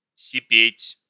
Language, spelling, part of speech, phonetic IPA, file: Russian, сипеть, verb, [sʲɪˈpʲetʲ], Ru-сипеть.ogg
- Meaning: 1. to speak hoarsely 2. to be hoarse 3. to hiss (from heat)